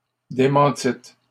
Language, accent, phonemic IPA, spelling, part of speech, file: French, Canada, /de.mɑ̃.tit/, démentîtes, verb, LL-Q150 (fra)-démentîtes.wav
- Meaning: second-person plural past historic of démentir